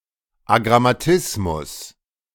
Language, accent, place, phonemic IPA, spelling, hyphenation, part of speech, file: German, Germany, Berlin, /aɡʁamaˈtɪsmʊs/, Agrammatismus, Agram‧ma‧tis‧mus, noun, De-Agrammatismus.ogg
- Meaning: agrammatism